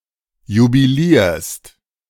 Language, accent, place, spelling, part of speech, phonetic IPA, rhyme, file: German, Germany, Berlin, jubilierst, verb, [jubiˈliːɐ̯st], -iːɐ̯st, De-jubilierst.ogg
- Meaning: second-person singular present of jubilieren